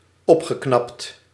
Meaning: past participle of opknappen
- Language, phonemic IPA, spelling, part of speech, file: Dutch, /ˈɔpxəˌknɑpt/, opgeknapt, verb, Nl-opgeknapt.ogg